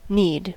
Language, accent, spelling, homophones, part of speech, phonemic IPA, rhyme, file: English, General American, need, knead / kneed, noun / verb, /nid/, -iːd, En-us-need.ogg
- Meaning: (noun) 1. A requirement for something; something needed 2. A desire or craving for the satisfaction of a requirement perceived as essential or primal